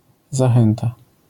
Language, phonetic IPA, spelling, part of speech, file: Polish, [zaˈxɛ̃nta], zachęta, noun, LL-Q809 (pol)-zachęta.wav